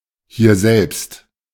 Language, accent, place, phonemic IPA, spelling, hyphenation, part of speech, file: German, Germany, Berlin, /hiːɐ̯ˈzɛlpst/, hierselbst, hier‧selbst, adverb, De-hierselbst.ogg
- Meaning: right here